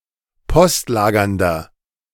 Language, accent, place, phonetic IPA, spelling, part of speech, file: German, Germany, Berlin, [ˈpɔstˌlaːɡɐndɐ], postlagernder, adjective, De-postlagernder.ogg
- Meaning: inflection of postlagernd: 1. strong/mixed nominative masculine singular 2. strong genitive/dative feminine singular 3. strong genitive plural